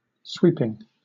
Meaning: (verb) present participle and gerund of sweep; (noun) 1. An instance of sweeping 2. The activity of sweeping; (adjective) Wide, broad, affecting or touching upon many things
- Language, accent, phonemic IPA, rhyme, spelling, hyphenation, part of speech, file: English, Southern England, /ˈswiːpɪŋ/, -iːpɪŋ, sweeping, sweep‧ing, verb / noun / adjective, LL-Q1860 (eng)-sweeping.wav